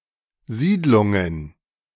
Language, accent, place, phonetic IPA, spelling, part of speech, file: German, Germany, Berlin, [ˈziːdlʊŋən], Siedlungen, noun, De-Siedlungen.ogg
- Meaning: plural of Siedlung